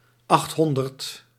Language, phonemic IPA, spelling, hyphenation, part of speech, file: Dutch, /ˈɑxtˌɦɔn.dərt/, achthonderd, acht‧hon‧derd, numeral, Nl-achthonderd.ogg
- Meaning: eight hundred